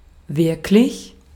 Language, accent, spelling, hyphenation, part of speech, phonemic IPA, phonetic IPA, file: German, Austria, wirklich, wirk‧lich, adjective / adverb, /ˈvɪʁklɪç/, [ˈvɪɐ̯kʰlɪç], De-at-wirklich.ogg
- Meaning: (adjective) real; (adverb) really, actually